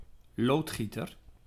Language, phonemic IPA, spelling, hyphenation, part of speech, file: Dutch, /ˈloːtˌxi.tər/, loodgieter, lood‧gie‧ter, noun, Nl-loodgieter.ogg
- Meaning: plumber